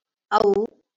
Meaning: The eleventh vowel in Marathi
- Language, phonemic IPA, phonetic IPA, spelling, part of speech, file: Marathi, /əu/, [əuː], औ, character, LL-Q1571 (mar)-औ.wav